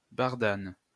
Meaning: burdock (any of the species of biennial thistles in the genus Arctium)
- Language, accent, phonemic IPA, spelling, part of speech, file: French, France, /baʁ.dan/, bardane, noun, LL-Q150 (fra)-bardane.wav